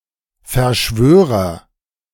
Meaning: conspirator
- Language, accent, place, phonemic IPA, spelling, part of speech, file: German, Germany, Berlin, /fɛɐ̯ˈʃvøːʁɐ/, Verschwörer, noun, De-Verschwörer.ogg